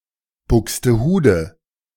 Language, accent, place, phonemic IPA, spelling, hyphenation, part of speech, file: German, Germany, Berlin, /ˌbʊkstəˈhuːdə/, Buxtehude, Bux‧te‧hu‧de, proper noun, De-Buxtehude.ogg
- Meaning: 1. Buxtehude (a city in Germany, in northern Lower Saxony) 2. placeholder for a remote, distant, or boring place; Timbuktu, Outer Mongolia 3. a surname